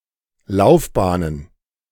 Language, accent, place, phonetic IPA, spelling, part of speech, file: German, Germany, Berlin, [ˈlaʊ̯fˌbaːnən], Laufbahnen, noun, De-Laufbahnen.ogg
- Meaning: plural of Laufbahn